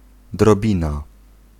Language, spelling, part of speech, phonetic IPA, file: Polish, drobina, noun, [drɔˈbʲĩna], Pl-drobina.ogg